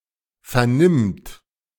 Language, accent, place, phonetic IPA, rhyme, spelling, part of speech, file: German, Germany, Berlin, [fɛɐ̯ˈnɪmt], -ɪmt, vernimmt, verb, De-vernimmt.ogg
- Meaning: third-person singular present of vernehmen